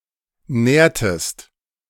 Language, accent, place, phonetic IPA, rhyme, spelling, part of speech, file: German, Germany, Berlin, [ˈnɛːɐ̯təst], -ɛːɐ̯təst, nährtest, verb, De-nährtest.ogg
- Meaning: inflection of nähren: 1. second-person singular preterite 2. second-person singular subjunctive II